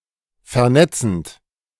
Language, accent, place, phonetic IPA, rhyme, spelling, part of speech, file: German, Germany, Berlin, [fɛɐ̯ˈnɛt͡sn̩t], -ɛt͡sn̩t, vernetzend, verb, De-vernetzend.ogg
- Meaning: present participle of vernetzen